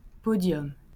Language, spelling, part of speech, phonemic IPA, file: French, podium, noun, /pɔ.djɔm/, LL-Q150 (fra)-podium.wav
- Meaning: podium